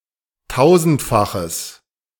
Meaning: strong/mixed nominative/accusative neuter singular of tausendfach
- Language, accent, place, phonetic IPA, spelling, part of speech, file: German, Germany, Berlin, [ˈtaʊ̯zn̩tfaxəs], tausendfaches, adjective, De-tausendfaches.ogg